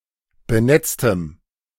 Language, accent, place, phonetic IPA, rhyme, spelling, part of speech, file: German, Germany, Berlin, [bəˈnɛt͡stə], -ɛt͡stə, benetzte, adjective / verb, De-benetzte.ogg
- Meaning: inflection of benetzen: 1. first/third-person singular preterite 2. first/third-person singular subjunctive II